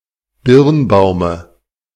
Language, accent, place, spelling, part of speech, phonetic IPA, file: German, Germany, Berlin, Birnbaume, noun, [ˈbɪʁnˌbaʊ̯mə], De-Birnbaume.ogg
- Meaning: dative singular of Birnbaum